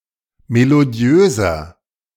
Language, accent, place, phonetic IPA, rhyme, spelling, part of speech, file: German, Germany, Berlin, [meloˈdi̯øːzɐ], -øːzɐ, melodiöser, adjective, De-melodiöser.ogg
- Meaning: 1. comparative degree of melodiös 2. inflection of melodiös: strong/mixed nominative masculine singular 3. inflection of melodiös: strong genitive/dative feminine singular